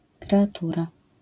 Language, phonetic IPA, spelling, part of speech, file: Polish, [ˌkrɛaˈtura], kreatura, noun, LL-Q809 (pol)-kreatura.wav